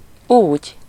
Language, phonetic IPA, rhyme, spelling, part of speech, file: Hungarian, [ˈuːɟ], -uːɟ, úgy, adverb, Hu-úgy.ogg
- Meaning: 1. so (in that manner, in such a way) 2. evidential marker, approx. “apparently”; see the Usage notes below and the Wikipedia article 3. roughly, approximately